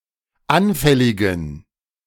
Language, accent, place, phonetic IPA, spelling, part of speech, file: German, Germany, Berlin, [ˈanfɛlɪɡn̩], anfälligen, adjective, De-anfälligen.ogg
- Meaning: inflection of anfällig: 1. strong genitive masculine/neuter singular 2. weak/mixed genitive/dative all-gender singular 3. strong/weak/mixed accusative masculine singular 4. strong dative plural